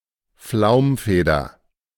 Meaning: down feather
- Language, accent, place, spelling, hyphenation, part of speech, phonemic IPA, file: German, Germany, Berlin, Flaumfeder, Flaum‧fe‧der, noun, /ˈflaʊ̯mˌfeːdɐ/, De-Flaumfeder.ogg